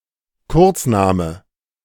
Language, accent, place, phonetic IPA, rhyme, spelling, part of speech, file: German, Germany, Berlin, [ˈkʊʁt͡sˌnaːmə], -ʊʁt͡snaːmə, Kurzname, noun, De-Kurzname.ogg
- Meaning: abbreviated name, short name